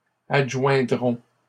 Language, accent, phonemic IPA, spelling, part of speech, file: French, Canada, /ad.ʒwɛ̃.dʁɔ̃/, adjoindrons, verb, LL-Q150 (fra)-adjoindrons.wav
- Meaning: first-person plural simple future of adjoindre